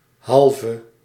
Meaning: used to form adverbs from abstract nouns
- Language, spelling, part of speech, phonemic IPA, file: Dutch, -halve, suffix, /ˈɦɑl.və/, Nl--halve.ogg